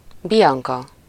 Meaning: a female given name
- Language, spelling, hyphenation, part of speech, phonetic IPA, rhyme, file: Hungarian, Bianka, Bi‧an‧ka, proper noun, [ˈbijɒŋkɒ], -kɒ, Hu-Bianka.ogg